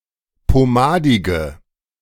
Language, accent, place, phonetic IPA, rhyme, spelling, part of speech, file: German, Germany, Berlin, [poˈmaːdɪɡə], -aːdɪɡə, pomadige, adjective, De-pomadige.ogg
- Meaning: inflection of pomadig: 1. strong/mixed nominative/accusative feminine singular 2. strong nominative/accusative plural 3. weak nominative all-gender singular 4. weak accusative feminine/neuter singular